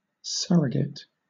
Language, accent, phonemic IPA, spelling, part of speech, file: English, Southern England, /ˈsʌɹəɡɪt/, surrogate, noun / adjective, LL-Q1860 (eng)-surrogate.wav
- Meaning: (noun) 1. A substitute (usually of a person, position or role) 2. A person or animal that acts as a substitute for the social or pastoral role of another, such as a surrogate parent